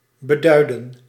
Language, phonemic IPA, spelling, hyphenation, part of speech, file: Dutch, /bəˈdœy̯də(n)/, beduiden, be‧dui‧den, verb, Nl-beduiden.ogg
- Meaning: 1. to signify 2. to indicate, signal 3. to foreshadow